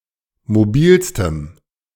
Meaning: strong dative masculine/neuter singular superlative degree of mobil
- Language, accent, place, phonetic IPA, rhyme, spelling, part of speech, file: German, Germany, Berlin, [moˈbiːlstəm], -iːlstəm, mobilstem, adjective, De-mobilstem.ogg